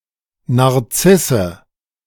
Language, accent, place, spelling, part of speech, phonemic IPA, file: German, Germany, Berlin, Narzisse, noun, /naʁˈt͡sɪsə/, De-Narzisse.ogg
- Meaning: daffodil, narcissus